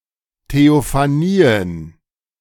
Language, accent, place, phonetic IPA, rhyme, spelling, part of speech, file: German, Germany, Berlin, [teofaˈniːən], -iːən, Theophanien, noun, De-Theophanien.ogg
- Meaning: plural of Theophanie